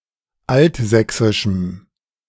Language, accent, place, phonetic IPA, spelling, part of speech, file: German, Germany, Berlin, [ˈaltˌzɛksɪʃm̩], altsächsischem, adjective, De-altsächsischem.ogg
- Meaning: strong dative masculine/neuter singular of altsächsisch